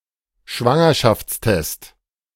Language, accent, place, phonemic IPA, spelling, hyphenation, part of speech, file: German, Germany, Berlin, /ˈʃvaŋɐʃaftsˌtɛst/, Schwangerschaftstest, Schwan‧ger‧schafts‧test, noun, De-Schwangerschaftstest.ogg
- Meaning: pregnancy test